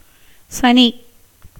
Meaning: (proper noun) 1. the planet Saturn 2. Shani (the god of karma and devine retribution) 3. planet Saturn considered as the source of malignant influence; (noun) 1. bad luck, disaster 2. Saturday
- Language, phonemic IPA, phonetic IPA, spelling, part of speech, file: Tamil, /tʃɐniː/, [sɐniː], சனி, proper noun / noun / verb, Ta-சனி.ogg